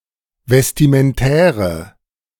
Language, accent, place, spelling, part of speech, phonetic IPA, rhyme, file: German, Germany, Berlin, vestimentäre, adjective, [vɛstimənˈtɛːʁə], -ɛːʁə, De-vestimentäre.ogg
- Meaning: inflection of vestimentär: 1. strong/mixed nominative/accusative feminine singular 2. strong nominative/accusative plural 3. weak nominative all-gender singular